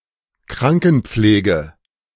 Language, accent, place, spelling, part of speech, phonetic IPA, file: German, Germany, Berlin, Krankenpflege, noun, [ˈkʁaŋkn̩ˌp͡fleːɡə], De-Krankenpflege.ogg
- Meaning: nursing